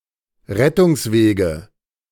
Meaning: 1. nominative/accusative/genitive plural of Rettungsweg 2. dative singular of Rettungsweg
- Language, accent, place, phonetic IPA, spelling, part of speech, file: German, Germany, Berlin, [ˈʁɛtʊŋsˌveːɡə], Rettungswege, noun, De-Rettungswege.ogg